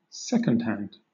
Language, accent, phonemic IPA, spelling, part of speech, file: English, Southern England, /ˈsɛkənd ˌhænd/, second hand, noun, LL-Q1860 (eng)-second hand.wav
- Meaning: On the clock face of a clock or watch, the hand (pointer) that shows the number of seconds that have passed